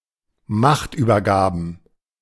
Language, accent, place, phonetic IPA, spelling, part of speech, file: German, Germany, Berlin, [ˈmaxtʔyːbɐˌɡaːbn̩], Machtübergaben, noun, De-Machtübergaben.ogg
- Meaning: plural of Machtübergabe